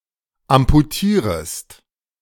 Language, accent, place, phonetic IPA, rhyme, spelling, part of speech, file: German, Germany, Berlin, [ampuˈtiːʁəst], -iːʁəst, amputierest, verb, De-amputierest.ogg
- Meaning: second-person singular subjunctive I of amputieren